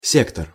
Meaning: 1. sector 2. sphere, branch, department
- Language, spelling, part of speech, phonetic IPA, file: Russian, сектор, noun, [ˈsʲektər], Ru-сектор.ogg